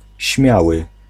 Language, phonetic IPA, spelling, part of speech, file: Polish, [ˈɕmʲjawɨ], śmiały, adjective / noun / verb, Pl-śmiały.ogg